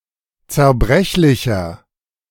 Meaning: 1. comparative degree of zerbrechlich 2. inflection of zerbrechlich: strong/mixed nominative masculine singular 3. inflection of zerbrechlich: strong genitive/dative feminine singular
- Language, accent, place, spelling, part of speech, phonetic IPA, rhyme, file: German, Germany, Berlin, zerbrechlicher, adjective, [t͡sɛɐ̯ˈbʁɛçlɪçɐ], -ɛçlɪçɐ, De-zerbrechlicher.ogg